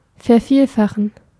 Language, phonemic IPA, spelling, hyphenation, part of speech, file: German, /fɛɐ̯ˈfiːlˌfaxən/, vervielfachen, ver‧viel‧fa‧chen, verb, De-vervielfachen.ogg
- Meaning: 1. to multiply (to multiply by an unknown or unspecified number) 2. to multiply 3. to multiply, to increase significantly